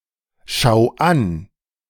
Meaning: genitive singular of Schätzwert
- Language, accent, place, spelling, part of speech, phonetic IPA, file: German, Germany, Berlin, Schätzwerts, noun, [ˈʃɛt͡sˌveːɐ̯t͡s], De-Schätzwerts.ogg